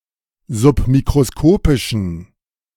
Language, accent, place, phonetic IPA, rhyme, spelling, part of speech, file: German, Germany, Berlin, [zʊpmikʁoˈskoːpɪʃn̩], -oːpɪʃn̩, submikroskopischen, adjective, De-submikroskopischen.ogg
- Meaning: inflection of submikroskopisch: 1. strong genitive masculine/neuter singular 2. weak/mixed genitive/dative all-gender singular 3. strong/weak/mixed accusative masculine singular